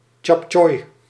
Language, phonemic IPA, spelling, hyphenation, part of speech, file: Dutch, /tʃɑpˈtʃɔi̯/, tjaptjoi, tjap‧tjoi, noun, Nl-tjaptjoi.ogg
- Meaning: chop suey (Chinese dish with meat and mixed vegetables)